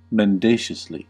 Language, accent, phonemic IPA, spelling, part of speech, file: English, US, /mɛnˈdeɪʃəsli/, mendaciously, adverb, En-us-mendaciously.ogg
- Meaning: In a lying or deceitful manner